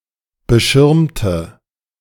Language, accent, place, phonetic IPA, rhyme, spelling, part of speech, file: German, Germany, Berlin, [bəˈʃɪʁmtə], -ɪʁmtə, beschirmte, adjective / verb, De-beschirmte.ogg
- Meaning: inflection of beschirmen: 1. first/third-person singular preterite 2. first/third-person singular subjunctive II